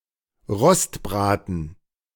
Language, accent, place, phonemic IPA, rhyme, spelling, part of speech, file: German, Germany, Berlin, /ˈʁɔstˌbʁaːtn̩/, -aːtn̩, Rostbraten, noun, De-Rostbraten.ogg
- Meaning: 1. a roast cooked on a grill 2. prime rib